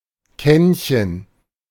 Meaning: diminutive of Kanne
- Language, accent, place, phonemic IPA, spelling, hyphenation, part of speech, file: German, Germany, Berlin, /ˈkɛn.çən/, Kännchen, Känn‧chen, noun, De-Kännchen.ogg